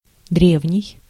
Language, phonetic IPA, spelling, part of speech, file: Russian, [ˈdrʲevnʲɪj], древний, adjective, Ru-древний.ogg
- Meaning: 1. ancient 2. antique, very old